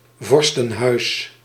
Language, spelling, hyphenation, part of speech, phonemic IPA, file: Dutch, vorstenhuis, vor‧sten‧huis, noun, /ˈvɔr.stə(n)ˌɦœy̯s/, Nl-vorstenhuis.ogg
- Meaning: dynasty, royal (or imperial, noble, etc.) house